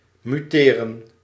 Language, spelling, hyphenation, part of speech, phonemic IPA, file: Dutch, muteren, mu‧te‧ren, verb, /ˌmyˈteː.rə(n)/, Nl-muteren.ogg
- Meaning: to mutate